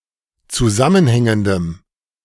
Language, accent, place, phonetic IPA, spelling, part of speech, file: German, Germany, Berlin, [t͡suˈzamənˌhɛŋəndəm], zusammenhängendem, adjective, De-zusammenhängendem.ogg
- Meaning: strong dative masculine/neuter singular of zusammenhängend